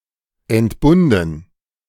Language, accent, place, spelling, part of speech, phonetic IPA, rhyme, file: German, Germany, Berlin, entbunden, verb, [ɛntˈbʊndn̩], -ʊndn̩, De-entbunden.ogg
- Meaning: past participle of entbinden